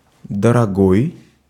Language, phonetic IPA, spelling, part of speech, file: Russian, [dərɐˈɡoj], дорогой, adjective, Ru-дорогой.ogg
- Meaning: 1. dear, precious 2. expensive